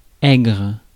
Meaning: 1. sharp, sour, acid 2. shrill (voice); biting (wind etc.)
- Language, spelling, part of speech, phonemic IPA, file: French, aigre, adjective, /ɛɡʁ/, Fr-aigre.ogg